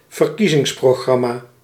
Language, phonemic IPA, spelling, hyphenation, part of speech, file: Dutch, /vərˈki.zɪŋs.proːˌɣrɑ.maː/, verkiezingsprogramma, ver‧kie‧zings‧pro‧gram‧ma, noun, Nl-verkiezingsprogramma.ogg
- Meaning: election programme, electoral programme